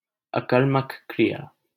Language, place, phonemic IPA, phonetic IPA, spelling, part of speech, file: Hindi, Delhi, /ə.kəɾ.mək kɾɪ.jɑː/, [ɐ.kɐɾ.mɐk‿kɾi.jäː], अकर्मक क्रिया, noun, LL-Q1568 (hin)-अकर्मक क्रिया.wav
- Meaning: intransitive verb (action verb not taking a direct object)